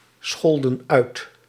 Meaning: inflection of uitschelden: 1. plural past indicative 2. plural past subjunctive
- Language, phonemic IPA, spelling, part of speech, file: Dutch, /ˈsxɔldə(n) ˈœyt/, scholden uit, verb, Nl-scholden uit.ogg